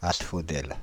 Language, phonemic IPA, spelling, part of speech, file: French, /as.fɔ.dɛl/, asphodèle, noun, Fr-asphodèle.ogg
- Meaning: asphodel (plant of the genus Asphodelus)